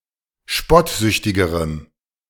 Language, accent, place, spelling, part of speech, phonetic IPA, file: German, Germany, Berlin, spottsüchtigerem, adjective, [ˈʃpɔtˌzʏçtɪɡəʁəm], De-spottsüchtigerem.ogg
- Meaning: strong dative masculine/neuter singular comparative degree of spottsüchtig